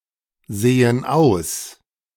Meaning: inflection of aussehen: 1. first/third-person plural present 2. first/third-person plural subjunctive I
- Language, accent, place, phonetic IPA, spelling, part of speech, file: German, Germany, Berlin, [ˌz̥eːən ˈaʊ̯s], sehen aus, verb, De-sehen aus.ogg